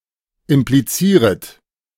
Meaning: second-person plural subjunctive I of implizieren
- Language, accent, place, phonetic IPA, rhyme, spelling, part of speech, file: German, Germany, Berlin, [ɪmpliˈt͡siːʁət], -iːʁət, implizieret, verb, De-implizieret.ogg